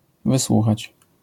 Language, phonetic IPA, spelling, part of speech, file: Polish, [vɨˈswuxat͡ɕ], wysłuchać, verb, LL-Q809 (pol)-wysłuchać.wav